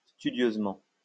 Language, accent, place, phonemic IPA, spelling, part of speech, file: French, France, Lyon, /sty.djøz.mɑ̃/, studieusement, adverb, LL-Q150 (fra)-studieusement.wav
- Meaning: studiously